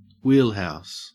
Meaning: A building or other structure containing a (large) wheel, such as the water wheel of a mill
- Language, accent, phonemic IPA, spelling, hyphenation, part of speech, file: English, Australia, /ˈwiːlˌhæɔs/, wheelhouse, wheel‧house, noun, En-au-wheelhouse.ogg